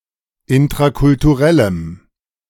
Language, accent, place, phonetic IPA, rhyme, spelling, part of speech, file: German, Germany, Berlin, [ɪntʁakʊltuˈʁɛləm], -ɛləm, intrakulturellem, adjective, De-intrakulturellem.ogg
- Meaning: strong dative masculine/neuter singular of intrakulturell